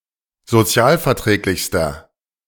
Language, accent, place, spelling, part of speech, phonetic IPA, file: German, Germany, Berlin, sozialverträglichster, adjective, [zoˈt͡si̯aːlfɛɐ̯ˌtʁɛːklɪçstɐ], De-sozialverträglichster.ogg
- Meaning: inflection of sozialverträglich: 1. strong/mixed nominative masculine singular superlative degree 2. strong genitive/dative feminine singular superlative degree